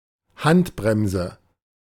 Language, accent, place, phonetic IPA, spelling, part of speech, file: German, Germany, Berlin, [ˈhantˌbʁɛmzə], Handbremse, noun, De-Handbremse.ogg
- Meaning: handbrake, parking brake